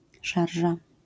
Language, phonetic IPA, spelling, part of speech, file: Polish, [ˈʃarʒa], szarża, noun, LL-Q809 (pol)-szarża.wav